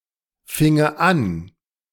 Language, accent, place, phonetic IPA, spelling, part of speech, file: German, Germany, Berlin, [ˌfɪŋə ˈan], finge an, verb, De-finge an.ogg
- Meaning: first/third-person singular subjunctive II of anfangen